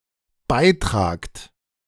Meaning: second-person plural dependent present of beitragen
- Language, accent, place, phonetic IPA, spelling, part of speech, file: German, Germany, Berlin, [ˈbaɪ̯ˌtʁaːkt], beitragt, verb, De-beitragt.ogg